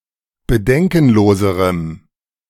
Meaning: strong dative masculine/neuter singular comparative degree of bedenkenlos
- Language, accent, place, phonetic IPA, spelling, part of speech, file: German, Germany, Berlin, [bəˈdɛŋkn̩ˌloːzəʁəm], bedenkenloserem, adjective, De-bedenkenloserem.ogg